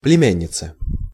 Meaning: female equivalent of племя́нник (plemjánnik): niece
- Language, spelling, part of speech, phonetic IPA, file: Russian, племянница, noun, [plʲɪˈmʲænʲːɪt͡sə], Ru-племянница.ogg